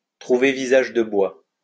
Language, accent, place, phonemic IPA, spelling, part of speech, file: French, France, Lyon, /tʁu.ve vi.zaʒ də bwa/, trouver visage de bois, verb, LL-Q150 (fra)-trouver visage de bois.wav
- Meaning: to find no one at home